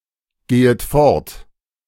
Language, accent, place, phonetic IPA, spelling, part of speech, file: German, Germany, Berlin, [ˌɡeːət ˈfɔʁt], gehet fort, verb, De-gehet fort.ogg
- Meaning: second-person plural subjunctive I of fortgehen